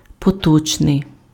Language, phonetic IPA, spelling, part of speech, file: Ukrainian, [pɔˈtɔt͡ʃnei̯], поточний, adjective, Uk-поточний.ogg
- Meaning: current, present, present-day